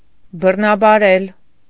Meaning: 1. to violate, to force 2. to rape
- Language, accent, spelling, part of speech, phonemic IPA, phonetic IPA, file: Armenian, Eastern Armenian, բռնաբարել, verb, /bərnɑbɑˈɾel/, [bərnɑbɑɾél], Hy-բռնաբարել.ogg